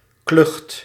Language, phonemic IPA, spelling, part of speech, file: Dutch, /klʏxt/, klucht, noun, Nl-klucht.ogg
- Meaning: 1. farce, coarse comedy 2. a small flock of birds; covey, brood